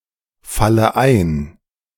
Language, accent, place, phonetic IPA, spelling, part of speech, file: German, Germany, Berlin, [ˌfalə ˈaɪ̯n], falle ein, verb, De-falle ein.ogg
- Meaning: inflection of einfallen: 1. first-person singular present 2. first/third-person singular subjunctive I 3. singular imperative